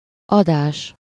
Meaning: 1. giving 2. broadcast, transmission
- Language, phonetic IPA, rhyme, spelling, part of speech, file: Hungarian, [ˈɒdaːʃ], -aːʃ, adás, noun, Hu-adás.ogg